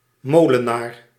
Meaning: miller
- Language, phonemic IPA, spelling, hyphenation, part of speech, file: Dutch, /ˈmoː.ləˌnaːr/, molenaar, mo‧le‧naar, noun, Nl-molenaar.ogg